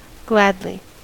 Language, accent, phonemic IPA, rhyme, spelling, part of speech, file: English, US, /ˈɡlædli/, -ædli, gladly, adverb, En-us-gladly.ogg
- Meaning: 1. In a glad manner; happily 2. Willingly; certainly